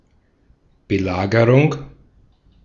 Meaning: siege (military blockade of settlement)
- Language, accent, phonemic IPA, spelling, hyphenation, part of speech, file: German, Austria, /bəˈlaːɡəʁʊŋ/, Belagerung, Be‧la‧ge‧rung, noun, De-at-Belagerung.ogg